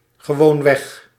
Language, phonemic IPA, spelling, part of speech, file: Dutch, /ɣəˈwoɱwɛx/, gewoonweg, adverb, Nl-gewoonweg.ogg
- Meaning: utterly, downright